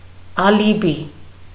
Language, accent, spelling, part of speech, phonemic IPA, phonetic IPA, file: Armenian, Eastern Armenian, ալիբի, noun, /ɑliˈbi/, [ɑlibí], Hy-ալիբի.ogg
- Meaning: alibi